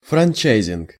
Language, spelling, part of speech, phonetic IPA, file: Russian, франчайзинг, noun, [frɐnʲˈt͡ɕæjzʲɪnk], Ru-франчайзинг.ogg
- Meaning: franchising (the establishment, granting, or use of a franchise)